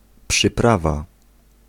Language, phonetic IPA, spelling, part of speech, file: Polish, [pʃɨˈprava], przyprawa, noun, Pl-przyprawa.ogg